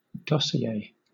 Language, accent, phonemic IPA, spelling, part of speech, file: English, Southern England, /ˈdɒs.i.eɪ/, dossier, noun, LL-Q1860 (eng)-dossier.wav
- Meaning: A collection of papers and/or other sources, containing detailed information about a particular person or subject, together with a synopsis of their content